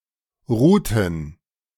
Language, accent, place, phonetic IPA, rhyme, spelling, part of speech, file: German, Germany, Berlin, [ˈʁuːtn̩], -uːtn̩, ruhten, verb, De-ruhten.ogg
- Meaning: inflection of ruhen: 1. first/third-person plural preterite 2. first/third-person plural subjunctive II